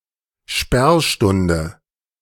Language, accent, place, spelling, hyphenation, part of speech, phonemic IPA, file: German, Germany, Berlin, Sperrstunde, Sperr‧stun‧de, noun, /ˈʃpɛʁˌʃtʊndə/, De-Sperrstunde.ogg
- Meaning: closing time (statutory for pubs and inns)